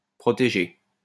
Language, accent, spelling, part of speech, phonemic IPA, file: French, France, protégé, verb / adjective / noun, /pʁɔ.te.ʒe/, LL-Q150 (fra)-protégé.wav
- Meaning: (verb) past participle of protéger; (adjective) protected; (noun) protégé (person who is guided and supported by an older and more experienced person)